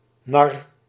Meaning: 1. court jester 2. fool
- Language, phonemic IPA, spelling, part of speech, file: Dutch, /nɑr/, nar, noun / verb, Nl-nar.ogg